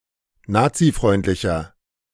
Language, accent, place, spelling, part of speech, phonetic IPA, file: German, Germany, Berlin, nazifreundlicher, adjective, [ˈnaːt͡siˌfʁɔɪ̯ntlɪçɐ], De-nazifreundlicher.ogg
- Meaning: 1. comparative degree of nazifreundlich 2. inflection of nazifreundlich: strong/mixed nominative masculine singular 3. inflection of nazifreundlich: strong genitive/dative feminine singular